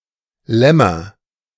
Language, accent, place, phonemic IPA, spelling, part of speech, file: German, Germany, Berlin, /ˈlɛmɐ/, Lämmer, noun, De-Lämmer.ogg
- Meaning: nominative/accusative/genitive plural of Lamm